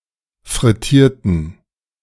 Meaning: inflection of frittieren: 1. first/third-person plural preterite 2. first/third-person plural subjunctive II
- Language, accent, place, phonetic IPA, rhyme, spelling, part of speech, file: German, Germany, Berlin, [fʁɪˈtiːɐ̯tn̩], -iːɐ̯tn̩, frittierten, adjective / verb, De-frittierten.ogg